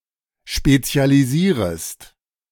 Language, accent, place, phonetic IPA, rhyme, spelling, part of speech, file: German, Germany, Berlin, [ˌʃpet͡si̯aliˈziːʁəst], -iːʁəst, spezialisierest, verb, De-spezialisierest.ogg
- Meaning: second-person singular subjunctive I of spezialisieren